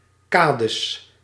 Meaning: plural of kade
- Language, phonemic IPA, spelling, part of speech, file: Dutch, /ˈkadəs/, kades, noun, Nl-kades.ogg